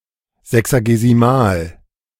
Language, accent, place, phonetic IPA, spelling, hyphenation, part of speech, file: German, Germany, Berlin, [ˌzɛksaɡeziˈmaːl], sexagesimal, se‧xa‧ge‧si‧mal, adjective, De-sexagesimal.ogg
- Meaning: sexagesimal, based on the number sixty